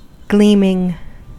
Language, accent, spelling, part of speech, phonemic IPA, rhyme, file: English, US, gleaming, adjective / noun / verb, /ˈɡliːmɪŋ/, -iːmɪŋ, En-us-gleaming.ogg
- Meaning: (adjective) Having a bright sheen; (noun) A flash of reflected light; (verb) present participle and gerund of gleam